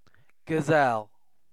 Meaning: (noun) An antelope of either of the genera Gazella (mostly native to Africa), Procapra (native to Asia), Eudorcas, or Nanger, capable of running at high speeds for long periods
- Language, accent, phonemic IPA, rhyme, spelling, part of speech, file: English, UK, /ɡəˈzɛl/, -ɛl, gazelle, noun / verb, En-uk-gazelle.ogg